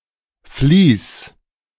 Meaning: singular imperative of fließen
- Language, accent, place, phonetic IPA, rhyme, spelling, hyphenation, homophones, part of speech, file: German, Germany, Berlin, [ˈfliːs], -iːs, fließ, fließ, Fleece / Fließ / Vlies, verb, De-fließ.ogg